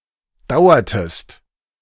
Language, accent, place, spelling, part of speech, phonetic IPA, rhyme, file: German, Germany, Berlin, dauertest, verb, [ˈdaʊ̯ɐtəst], -aʊ̯ɐtəst, De-dauertest.ogg
- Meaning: inflection of dauern: 1. second-person singular preterite 2. second-person singular subjunctive II